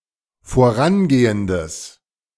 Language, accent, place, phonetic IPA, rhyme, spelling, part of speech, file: German, Germany, Berlin, [foˈʁanˌɡeːəndəs], -anɡeːəndəs, vorangehendes, adjective, De-vorangehendes.ogg
- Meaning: strong/mixed nominative/accusative neuter singular of vorangehend